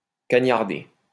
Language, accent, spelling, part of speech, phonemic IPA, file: French, France, cagnarder, verb, /ka.ɲaʁ.de/, LL-Q150 (fra)-cagnarder.wav
- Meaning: to be lazy